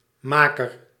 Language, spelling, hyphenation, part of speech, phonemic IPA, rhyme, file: Dutch, maker, ma‧ker, noun, /ˈmaː.kər/, -aːkər, Nl-maker.ogg
- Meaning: maker (person or thing that makes, produces or repairs something)